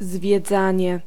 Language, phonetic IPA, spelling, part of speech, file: Polish, [zvʲjɛˈd͡zãɲɛ], zwiedzanie, noun, Pl-zwiedzanie.ogg